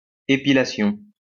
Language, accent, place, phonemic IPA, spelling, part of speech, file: French, France, Lyon, /e.pi.la.sjɔ̃/, épilation, noun, LL-Q150 (fra)-épilation.wav
- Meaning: depilation, hair removal